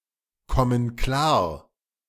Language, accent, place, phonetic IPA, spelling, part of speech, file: German, Germany, Berlin, [ˌkɔmən ˈklaːɐ̯], kommen klar, verb, De-kommen klar.ogg
- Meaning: inflection of klarkommen: 1. first/third-person plural present 2. first/third-person plural subjunctive I